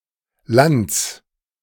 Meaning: genitive singular of Land
- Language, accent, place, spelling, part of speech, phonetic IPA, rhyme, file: German, Germany, Berlin, Lands, noun, [lant͡s], -ant͡s, De-Lands.ogg